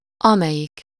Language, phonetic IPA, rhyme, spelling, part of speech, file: Hungarian, [ˈɒmɛjik], -ik, amelyik, pronoun, Hu-amelyik.ogg
- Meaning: which, who (coupled with az)